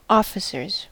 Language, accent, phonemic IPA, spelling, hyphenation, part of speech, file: English, US, /ˈɔ.fɪ.sɚz/, officers, of‧fi‧cers, noun / verb, En-us-officers.ogg
- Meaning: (noun) plural of officer; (verb) third-person singular simple present indicative of officer